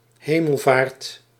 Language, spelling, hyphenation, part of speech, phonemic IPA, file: Dutch, hemelvaart, he‧mel‧vaart, noun, /ˈɦeː.məlˌvaːrt/, Nl-hemelvaart.ogg
- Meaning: ascension to Heaven